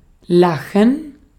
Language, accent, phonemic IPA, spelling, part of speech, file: German, Austria, /ˈlaxən/, lachen, verb, De-at-lachen.ogg
- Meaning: 1. to laugh 2. to smile